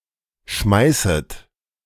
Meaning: second-person plural subjunctive I of schmeißen
- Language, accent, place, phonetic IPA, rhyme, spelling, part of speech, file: German, Germany, Berlin, [ˈʃmaɪ̯sət], -aɪ̯sət, schmeißet, verb, De-schmeißet.ogg